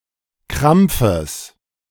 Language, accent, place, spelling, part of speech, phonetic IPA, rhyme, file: German, Germany, Berlin, Krampfes, noun, [ˈkʁamp͡fəs], -amp͡fəs, De-Krampfes.ogg
- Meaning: genitive singular of Krampf